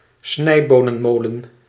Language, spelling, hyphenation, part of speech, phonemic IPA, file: Dutch, snijbonenmolen, snij‧bo‧nen‧mo‧len, noun, /ˈsnɛi̯.boː.nəˌmoː.lə(n)/, Nl-snijbonenmolen.ogg
- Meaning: a bean slicer; a kitchen implement for cutting long beans into pieces by means of rotating blades